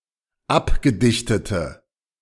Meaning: inflection of abgedichtet: 1. strong/mixed nominative/accusative feminine singular 2. strong nominative/accusative plural 3. weak nominative all-gender singular
- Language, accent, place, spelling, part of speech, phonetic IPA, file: German, Germany, Berlin, abgedichtete, adjective, [ˈapɡəˌdɪçtətə], De-abgedichtete.ogg